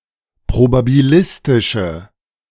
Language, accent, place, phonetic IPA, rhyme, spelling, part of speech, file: German, Germany, Berlin, [pʁobabiˈlɪstɪʃə], -ɪstɪʃə, probabilistische, adjective, De-probabilistische.ogg
- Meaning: inflection of probabilistisch: 1. strong/mixed nominative/accusative feminine singular 2. strong nominative/accusative plural 3. weak nominative all-gender singular